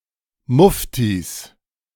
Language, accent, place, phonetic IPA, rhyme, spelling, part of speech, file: German, Germany, Berlin, [ˈmʊftis], -ʊftis, Muftis, noun, De-Muftis.ogg
- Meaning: plural of Mufti